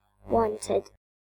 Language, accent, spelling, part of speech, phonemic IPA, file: English, UK, wanted, adjective / verb, /ˈwɒn.tɪd/, En-gb-wanted.ogg
- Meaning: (adjective) 1. Wished for; desired; sought 2. Subject to immediate detainment by law enforcement authorities on sight; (verb) simple past and past participle of want